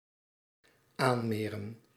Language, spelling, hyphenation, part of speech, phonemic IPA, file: Dutch, aanmeren, aan‧me‧ren, verb, /ˈaː(n)ˌmeːrə(n)/, Nl-aanmeren.ogg
- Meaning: to moor, to berth